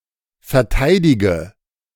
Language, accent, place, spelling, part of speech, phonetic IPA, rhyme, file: German, Germany, Berlin, verteidige, verb, [fɛɐ̯ˈtaɪ̯dɪɡə], -aɪ̯dɪɡə, De-verteidige.ogg
- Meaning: inflection of verteidigen: 1. first-person singular present 2. singular imperative 3. first/third-person singular subjunctive I